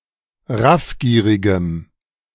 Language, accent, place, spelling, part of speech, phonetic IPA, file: German, Germany, Berlin, raffgierigem, adjective, [ˈʁafˌɡiːʁɪɡəm], De-raffgierigem.ogg
- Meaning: strong dative masculine/neuter singular of raffgierig